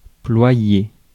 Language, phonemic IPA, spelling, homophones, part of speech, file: French, /plwa.je/, ployer, ployé / ployée / ployées / ployés / ployez, verb, Fr-ployer.ogg
- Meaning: to bend, fold